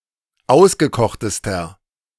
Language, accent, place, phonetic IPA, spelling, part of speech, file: German, Germany, Berlin, [ˈaʊ̯sɡəˌkɔxtəstɐ], ausgekochtester, adjective, De-ausgekochtester.ogg
- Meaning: inflection of ausgekocht: 1. strong/mixed nominative masculine singular superlative degree 2. strong genitive/dative feminine singular superlative degree 3. strong genitive plural superlative degree